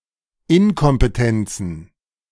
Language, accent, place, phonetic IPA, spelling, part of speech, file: German, Germany, Berlin, [ˈɪnkɔmpəˌtɛnt͡sn̩], Inkompetenzen, noun, De-Inkompetenzen.ogg
- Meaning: plural of Inkompetenz